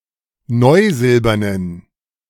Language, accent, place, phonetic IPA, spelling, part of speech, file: German, Germany, Berlin, [ˈnɔɪ̯ˌzɪlbɐnən], neusilbernen, adjective, De-neusilbernen.ogg
- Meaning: inflection of neusilbern: 1. strong genitive masculine/neuter singular 2. weak/mixed genitive/dative all-gender singular 3. strong/weak/mixed accusative masculine singular 4. strong dative plural